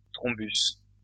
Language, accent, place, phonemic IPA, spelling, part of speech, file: French, France, Lyon, /tʁɔ̃.bys/, thrombus, noun, LL-Q150 (fra)-thrombus.wav
- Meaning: thrombus